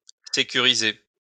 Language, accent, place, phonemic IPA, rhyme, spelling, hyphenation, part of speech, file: French, France, Lyon, /se.ky.ʁi.ze/, -e, sécuriser, sé‧cu‧ri‧ser, verb, LL-Q150 (fra)-sécuriser.wav
- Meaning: 1. to secure (to move from a feeling of anxiety to a feeling of security, to an impression of confidence) 2. to put at ease